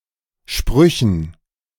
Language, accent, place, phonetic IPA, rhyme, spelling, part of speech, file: German, Germany, Berlin, [ˈʃpʁʏçn̩], -ʏçn̩, Sprüchen, noun, De-Sprüchen.ogg
- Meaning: dative plural of Spruch